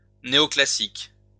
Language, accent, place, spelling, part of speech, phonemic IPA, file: French, France, Lyon, néoclassique, adjective, /ne.ɔ.kla.sik/, LL-Q150 (fra)-néoclassique.wav
- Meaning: neoclassical